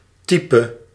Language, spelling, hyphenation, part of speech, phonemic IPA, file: Dutch, type, ty‧pe, noun / verb, /ˈti.pə/, Nl-type.ogg
- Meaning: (noun) type: a class, someone or something from a class. The diminutive is used when made into a caricature; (verb) singular present subjunctive of typen